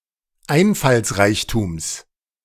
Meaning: genitive singular of Einfallsreichtum
- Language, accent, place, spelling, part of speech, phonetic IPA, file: German, Germany, Berlin, Einfallsreichtums, noun, [ˈaɪ̯nfalsˌʁaɪ̯çtuːms], De-Einfallsreichtums.ogg